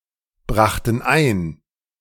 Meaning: first/third-person plural preterite of einbringen
- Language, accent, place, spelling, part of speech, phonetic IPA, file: German, Germany, Berlin, brachten ein, verb, [ˌbʁaxtn̩ ˈaɪ̯n], De-brachten ein.ogg